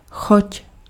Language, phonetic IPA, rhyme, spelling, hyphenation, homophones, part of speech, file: Czech, [ˈxoc], -oc, choť, choť, choď, noun, Cs-choť.ogg
- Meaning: 1. spouse (husband) 2. spouse (wife)